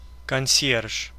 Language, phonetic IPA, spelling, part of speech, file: Russian, [kɐn⁽ʲ⁾ˈsʲjerʂ], консьерж, noun, Ru-консьерж.ogg
- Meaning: concierge